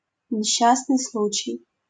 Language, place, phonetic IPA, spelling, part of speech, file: Russian, Saint Petersburg, [nʲɪˈɕːasnɨj ˈsɫut͡ɕɪj], несчастный случай, noun, LL-Q7737 (rus)-несчастный случай.wav
- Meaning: 1. accident (mishap, casualty) 2. Neschastny Sluchai (Soviet and Russian rock band)